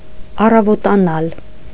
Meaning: to dawn (to become morning)
- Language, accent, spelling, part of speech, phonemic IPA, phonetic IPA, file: Armenian, Eastern Armenian, առավոտանալ, verb, /ɑrɑvotɑˈnɑl/, [ɑrɑvotɑnɑ́l], Hy-առավոտանալ.ogg